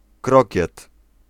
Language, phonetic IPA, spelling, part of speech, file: Polish, [ˈkrɔcɛt], krokiet, noun, Pl-krokiet.ogg